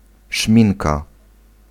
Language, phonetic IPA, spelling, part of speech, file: Polish, [ˈʃmʲĩnka], szminka, noun, Pl-szminka.ogg